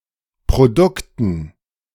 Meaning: dative plural of Produkt
- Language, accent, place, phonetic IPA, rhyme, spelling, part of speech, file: German, Germany, Berlin, [pʁoˈdʊktn̩], -ʊktn̩, Produkten, noun, De-Produkten.ogg